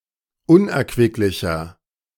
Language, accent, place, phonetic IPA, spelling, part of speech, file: German, Germany, Berlin, [ˈʊnʔɛɐ̯kvɪklɪçɐ], unerquicklicher, adjective, De-unerquicklicher.ogg
- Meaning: 1. comparative degree of unerquicklich 2. inflection of unerquicklich: strong/mixed nominative masculine singular 3. inflection of unerquicklich: strong genitive/dative feminine singular